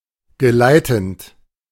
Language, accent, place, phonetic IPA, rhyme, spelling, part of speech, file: German, Germany, Berlin, [ɡəˈlaɪ̯tn̩t], -aɪ̯tn̩t, geleitend, verb, De-geleitend.ogg
- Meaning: present participle of geleiten